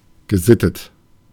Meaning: civilized, well-mannered, cultivated
- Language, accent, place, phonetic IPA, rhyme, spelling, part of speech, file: German, Germany, Berlin, [ɡəˈzɪtət], -ɪtət, gesittet, adjective, De-gesittet.ogg